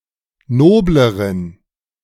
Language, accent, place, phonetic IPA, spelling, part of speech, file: German, Germany, Berlin, [ˈnoːbləʁən], nobleren, adjective, De-nobleren.ogg
- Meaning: inflection of nobel: 1. strong genitive masculine/neuter singular comparative degree 2. weak/mixed genitive/dative all-gender singular comparative degree